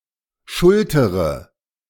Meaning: inflection of schultern: 1. first-person singular present 2. first/third-person singular subjunctive I 3. singular imperative
- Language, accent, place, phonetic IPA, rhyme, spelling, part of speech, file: German, Germany, Berlin, [ˈʃʊltəʁə], -ʊltəʁə, schultere, verb, De-schultere.ogg